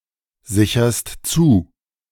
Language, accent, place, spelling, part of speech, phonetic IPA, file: German, Germany, Berlin, sicherst zu, verb, [ˌzɪçɐst ˈt͡suː], De-sicherst zu.ogg
- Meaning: second-person singular present of zusichern